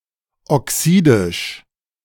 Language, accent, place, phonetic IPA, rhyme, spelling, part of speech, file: German, Germany, Berlin, [ɔˈksiːdɪʃ], -iːdɪʃ, oxidisch, adjective, De-oxidisch.ogg
- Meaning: oxidic